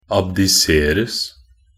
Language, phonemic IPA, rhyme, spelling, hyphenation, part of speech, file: Norwegian Bokmål, /abdɪˈseːrəs/, -əs, abdiseres, ab‧di‧ser‧es, verb, Nb-abdiseres.ogg
- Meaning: passive of abdisere